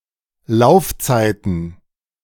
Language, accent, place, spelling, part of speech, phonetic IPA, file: German, Germany, Berlin, Laufzeiten, noun, [ˈlaʊ̯fˌt͡saɪ̯tn̩], De-Laufzeiten.ogg
- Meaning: plural of Laufzeit